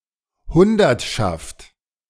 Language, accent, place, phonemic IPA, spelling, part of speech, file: German, Germany, Berlin, /ˈhʊndɐtʃaft/, Hundertschaft, noun, De-Hundertschaft.ogg
- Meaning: 1. any group of a hundred people 2. a unit of riot police 3. alternative form of Honnschaft (“Frankish administrative unit”)